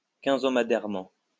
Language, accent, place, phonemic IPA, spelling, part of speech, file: French, France, Lyon, /kɛ̃.zɔ.ma.dɛʁ.mɑ̃/, quinzomadairement, adverb, LL-Q150 (fra)-quinzomadairement.wav
- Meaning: fortnightly